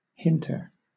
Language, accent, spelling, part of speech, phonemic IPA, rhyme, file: English, Southern England, hinter, noun, /ˈhɪntə(ɹ)/, -ɪntə(ɹ), LL-Q1860 (eng)-hinter.wav
- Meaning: Agent noun of hint: someone who hints